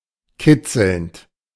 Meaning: present participle of kitzeln
- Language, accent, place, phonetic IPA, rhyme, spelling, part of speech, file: German, Germany, Berlin, [ˈkɪt͡sl̩nt], -ɪt͡sl̩nt, kitzelnd, verb, De-kitzelnd.ogg